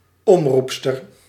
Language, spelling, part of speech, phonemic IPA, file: Dutch, omroepster, noun, /ˈɔmrupstər/, Nl-omroepster.ogg
- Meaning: female announcer